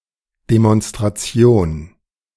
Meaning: 1. demonstration (act of demonstrating) 2. demonstration (show of military force) 3. demonstration (rally, protest, march)
- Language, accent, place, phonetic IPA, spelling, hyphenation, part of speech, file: German, Germany, Berlin, [demɔnstʁaˈt͡si̯oːn], Demonstration, De‧mons‧tra‧ti‧on, noun, De-Demonstration.ogg